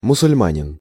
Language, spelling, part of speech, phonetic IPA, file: Russian, мусульманин, noun, [mʊsʊlʲˈmanʲɪn], Ru-мусульманин.ogg
- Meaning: Muslim